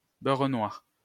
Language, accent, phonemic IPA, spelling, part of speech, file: French, France, /bœʁ nwaʁ/, beurre noir, noun, LL-Q150 (fra)-beurre noir.wav
- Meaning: melted butter that is cooked over low heat until the milk solids turn a very dark brown; black butter